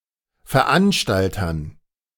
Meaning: dative plural of Veranstalter
- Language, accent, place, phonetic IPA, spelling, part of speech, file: German, Germany, Berlin, [fɛɐ̯ˈʔanʃtaltɐn], Veranstaltern, noun, De-Veranstaltern.ogg